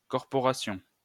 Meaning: 1. corporation 2. guild
- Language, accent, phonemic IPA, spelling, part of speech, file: French, France, /kɔʁ.pɔ.ʁa.sjɔ̃/, corporation, noun, LL-Q150 (fra)-corporation.wav